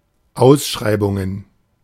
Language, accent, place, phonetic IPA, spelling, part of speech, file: German, Germany, Berlin, [ˈaʊ̯sˌʃʁaɪ̯bʊŋən], Ausschreibungen, noun, De-Ausschreibungen.ogg
- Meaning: plural of Ausschreibung